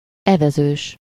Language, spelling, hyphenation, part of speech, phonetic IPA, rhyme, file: Hungarian, evezős, eve‧zős, adjective / noun, [ˈɛvɛzøːʃ], -øːʃ, Hu-evezős.ogg
- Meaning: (adjective) 1. oared (having oars) 2. rowing (such that in the course of which one proceeds by rowing, or in which rowing is performed) 3. rowing (intended to train and improve rowing skills)